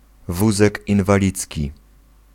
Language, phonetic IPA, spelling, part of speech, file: Polish, [ˈvuzɛk ˌĩnvaˈlʲit͡sʲci], wózek inwalidzki, noun, Pl-wózek inwalidzki.ogg